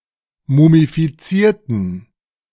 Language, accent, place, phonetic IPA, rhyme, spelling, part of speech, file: German, Germany, Berlin, [mumifiˈt͡siːɐ̯tn̩], -iːɐ̯tn̩, mumifizierten, adjective / verb, De-mumifizierten.ogg
- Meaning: inflection of mumifizieren: 1. first/third-person plural preterite 2. first/third-person plural subjunctive II